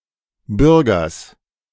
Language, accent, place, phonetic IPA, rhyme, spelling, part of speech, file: German, Germany, Berlin, [ˈbʏʁɡɐs], -ʏʁɡɐs, Bürgers, noun, De-Bürgers.ogg
- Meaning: genitive singular of Bürger